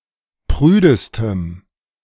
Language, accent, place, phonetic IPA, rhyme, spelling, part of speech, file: German, Germany, Berlin, [ˈpʁyːdəstəm], -yːdəstəm, prüdestem, adjective, De-prüdestem.ogg
- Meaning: strong dative masculine/neuter singular superlative degree of prüde